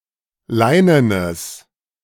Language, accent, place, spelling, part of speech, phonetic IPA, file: German, Germany, Berlin, leinenes, adjective, [ˈlaɪ̯nənəs], De-leinenes.ogg
- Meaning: strong/mixed nominative/accusative neuter singular of leinen